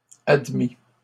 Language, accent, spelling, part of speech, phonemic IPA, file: French, Canada, admit, verb, /ad.mi/, LL-Q150 (fra)-admit.wav
- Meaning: third-person singular past historic of admettre